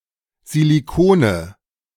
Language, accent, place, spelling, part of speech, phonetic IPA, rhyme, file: German, Germany, Berlin, Silicone, noun, [ziliˈkoːnə], -oːnə, De-Silicone.ogg
- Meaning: nominative/accusative/genitive plural of Silicon